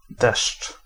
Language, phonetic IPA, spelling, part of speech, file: Polish, [dɛʃt͡ʃ], deszcz, noun, Pl-deszcz.ogg